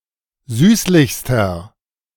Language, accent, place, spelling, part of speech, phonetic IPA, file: German, Germany, Berlin, süßlichster, adjective, [ˈzyːslɪçstɐ], De-süßlichster.ogg
- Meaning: inflection of süßlich: 1. strong/mixed nominative masculine singular superlative degree 2. strong genitive/dative feminine singular superlative degree 3. strong genitive plural superlative degree